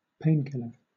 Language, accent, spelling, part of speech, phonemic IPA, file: English, Southern England, painkiller, noun, /ˈpeɪnˌkɪlə(ɹ)/, LL-Q1860 (eng)-painkiller.wav
- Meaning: A drug that numbs the pain in the body